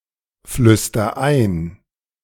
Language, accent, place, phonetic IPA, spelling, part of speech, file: German, Germany, Berlin, [ˌflʏstɐ ˈaɪ̯n], flüster ein, verb, De-flüster ein.ogg
- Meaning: inflection of einflüstern: 1. first-person singular present 2. singular imperative